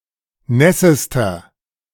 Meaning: inflection of nass: 1. strong/mixed nominative masculine singular superlative degree 2. strong genitive/dative feminine singular superlative degree 3. strong genitive plural superlative degree
- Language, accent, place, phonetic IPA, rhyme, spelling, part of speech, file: German, Germany, Berlin, [ˈnɛsəstɐ], -ɛsəstɐ, nässester, adjective, De-nässester.ogg